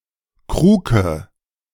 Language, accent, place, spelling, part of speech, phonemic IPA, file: German, Germany, Berlin, Kruke, noun, /ˈkʁuːkə/, De-Kruke.ogg
- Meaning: crock; earthen mug